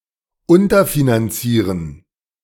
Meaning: to underfund
- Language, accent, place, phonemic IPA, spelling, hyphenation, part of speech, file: German, Germany, Berlin, /ˈʊntɐ.finanˌt͡siːʁən/, unterfinanzieren, un‧ter‧fi‧nan‧zie‧ren, verb, De-unterfinanzieren.ogg